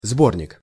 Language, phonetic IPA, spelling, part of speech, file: Russian, [ˈzbornʲɪk], сборник, noun, Ru-сборник.ogg
- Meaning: 1. collection 2. storage tank, receptacle